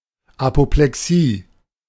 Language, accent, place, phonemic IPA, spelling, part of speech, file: German, Germany, Berlin, /apoplɛˈksiː/, Apoplexie, noun, De-Apoplexie.ogg
- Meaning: apoplexy